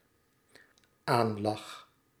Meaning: first-person singular dependent-clause present indicative of aanlachen
- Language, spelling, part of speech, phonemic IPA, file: Dutch, aanlach, verb, /ˈanlɑx/, Nl-aanlach.ogg